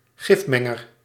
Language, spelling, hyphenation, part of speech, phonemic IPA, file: Dutch, gifmenger, gif‧men‧ger, noun, /ˈɣɪfˌmɛ.ŋər/, Nl-gifmenger.ogg
- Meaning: one who mixes poison into food or drinks, a poisoner